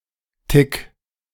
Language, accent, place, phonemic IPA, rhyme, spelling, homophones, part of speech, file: German, Germany, Berlin, /tɪk/, -ɪk, Tick, Tic, noun, De-Tick.ogg
- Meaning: 1. alternative form of Tic 2. tic, quirk (something that is done habitually) 3. little bit, hint, tad (very small amount or degree, especially relative to another value)